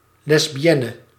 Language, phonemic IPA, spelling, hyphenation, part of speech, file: Dutch, /ˌlɛs.biˈɛ.nə/, lesbienne, les‧bi‧en‧ne, noun, Nl-lesbienne.ogg
- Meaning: lesbian